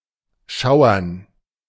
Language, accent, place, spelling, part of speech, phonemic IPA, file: German, Germany, Berlin, schauern, verb, /ˈʃaʊ̯ɐn/, De-schauern.ogg
- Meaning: to shiver